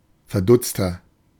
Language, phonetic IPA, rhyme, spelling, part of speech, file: German, [fɛɐ̯ˈdʊt͡stɐ], -ʊt͡stɐ, verdutzter, adjective, De-verdutzter.oga
- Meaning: 1. comparative degree of verdutzt 2. inflection of verdutzt: strong/mixed nominative masculine singular 3. inflection of verdutzt: strong genitive/dative feminine singular